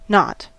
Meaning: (noun) A looping of a piece of string or of any other long, flexible material that cannot be untangled without passing one or both ends of the material through its loops
- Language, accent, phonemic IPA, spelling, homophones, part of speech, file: English, US, /nɑt/, knot, not, noun / verb, En-us-knot.ogg